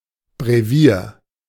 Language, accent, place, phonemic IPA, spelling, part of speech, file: German, Germany, Berlin, /bʁeˈviːɐ̯/, Brevier, noun, De-Brevier.ogg
- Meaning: 1. breviary 2. Divine Office 3. anthology, selection 4. guide